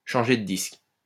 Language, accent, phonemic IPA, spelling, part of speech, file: French, France, /ʃɑ̃.ʒe də disk/, changer de disque, verb, LL-Q150 (fra)-changer de disque.wav
- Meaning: to change the record